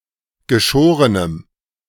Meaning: strong dative masculine/neuter singular of geschoren
- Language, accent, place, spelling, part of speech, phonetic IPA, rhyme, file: German, Germany, Berlin, geschorenem, adjective, [ɡəˈʃoːʁənəm], -oːʁənəm, De-geschorenem.ogg